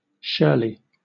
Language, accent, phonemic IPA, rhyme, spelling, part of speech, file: English, Southern England, /ˈʃɜː(ɹ)li/, -ɜː(ɹ)li, Shirley, proper noun / adverb, LL-Q1860 (eng)-Shirley.wav
- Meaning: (proper noun) 1. An English habitational surname 2. A male given name transferred from the surname 3. A female given name transferred from the surname, popular from the 1920s to the 1950s